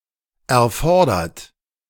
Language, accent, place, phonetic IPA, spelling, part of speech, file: German, Germany, Berlin, [ʔɛɐ̯ˈfɔɐ̯dɐt], erfordert, verb, De-erfordert.ogg
- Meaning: 1. past participle of erfordern 2. inflection of erfordern: third-person singular present 3. inflection of erfordern: second-person plural present 4. inflection of erfordern: plural imperative